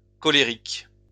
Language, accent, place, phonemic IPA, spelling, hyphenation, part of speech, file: French, France, Lyon, /kɔ.le.ʁik/, cholérique, cho‧lé‧rique, adjective, LL-Q150 (fra)-cholérique.wav
- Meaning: 1. cholera; choleraic 2. choleric (showing anger)